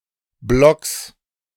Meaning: genitive singular of Block
- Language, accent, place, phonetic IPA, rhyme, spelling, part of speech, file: German, Germany, Berlin, [blɔks], -ɔks, Blocks, noun, De-Blocks.ogg